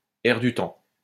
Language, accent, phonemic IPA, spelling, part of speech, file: French, France, /ɛʁ dy tɑ̃/, air du temps, noun, LL-Q150 (fra)-air du temps.wav
- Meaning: air du temps